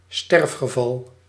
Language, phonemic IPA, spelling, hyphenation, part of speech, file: Dutch, /ˈstɛrf.xəˌvɑl/, sterfgeval, sterf‧ge‧val, noun, Nl-sterfgeval.ogg
- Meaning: a fatality, the occurrence of someone's death